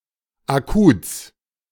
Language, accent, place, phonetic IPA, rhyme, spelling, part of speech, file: German, Germany, Berlin, [aˈkuːt͡s], -uːt͡s, Akuts, noun, De-Akuts.ogg
- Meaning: genitive singular of Akut